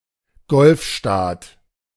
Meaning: Gulf State
- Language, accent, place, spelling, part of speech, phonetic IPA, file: German, Germany, Berlin, Golfstaat, noun, [ˈɡɔlfˌʃtaːt], De-Golfstaat.ogg